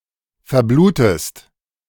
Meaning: inflection of verbluten: 1. second-person singular present 2. second-person singular subjunctive I
- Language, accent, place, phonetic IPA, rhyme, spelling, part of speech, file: German, Germany, Berlin, [fɛɐ̯ˈbluːtəst], -uːtəst, verblutest, verb, De-verblutest.ogg